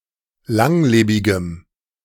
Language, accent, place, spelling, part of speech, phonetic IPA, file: German, Germany, Berlin, langlebigem, adjective, [ˈlaŋˌleːbɪɡəm], De-langlebigem.ogg
- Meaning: strong dative masculine/neuter singular of langlebig